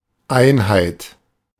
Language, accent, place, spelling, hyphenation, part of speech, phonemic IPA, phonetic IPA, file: German, Germany, Berlin, Einheit, Ein‧heit, noun, /ˈaɪ̯nhaɪ̯t/, [ˈʔaɪ̯nhaɪ̯t], De-Einheit.ogg